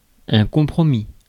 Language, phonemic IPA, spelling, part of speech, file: French, /kɔ̃.pʁɔ.mi/, compromis, noun / verb, Fr-compromis.ogg
- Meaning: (noun) compromise, trade-off; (verb) 1. first/second-person singular past historic of compromettre 2. past participle of compromettre